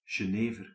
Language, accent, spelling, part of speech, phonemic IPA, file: Dutch, Belgium, genever, noun, /ʒəˈnevər/, Nl-genever.ogg
- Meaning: alternative spelling of jenever